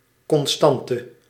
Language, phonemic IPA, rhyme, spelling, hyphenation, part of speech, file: Dutch, /ˌkɔnˈstɑn.tə/, -ɑntə, constante, con‧stan‧te, noun, Nl-constante.ogg
- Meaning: constant, non-variable factor or quantity